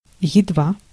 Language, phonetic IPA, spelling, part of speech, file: Russian, [(j)ɪdˈva], едва, adverb, Ru-едва.ogg
- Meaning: 1. hardly, barely 2. scarcely 3. just, barely, as soon as